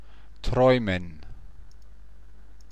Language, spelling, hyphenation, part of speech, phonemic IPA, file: German, träumen, träu‧men, verb, /ˈtʁɔɪ̯mən/, DE-träumen.ogg
- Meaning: to dream